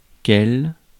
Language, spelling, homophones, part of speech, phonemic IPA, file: French, quelle, quel / quelles / quels, adjective / pronoun, /kɛl/, Fr-quelle.ogg
- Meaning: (adjective) feminine singular of quel: 1. which? 2. What a ...!; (pronoun) feminine singular of quel